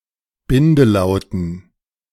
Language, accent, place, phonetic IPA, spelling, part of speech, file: German, Germany, Berlin, [ˈbɪndəˌlaʊ̯tn̩], Bindelauten, noun, De-Bindelauten.ogg
- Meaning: dative plural of Bindelaut